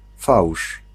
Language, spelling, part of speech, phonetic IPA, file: Polish, fałsz, noun, [fawʃ], Pl-fałsz.ogg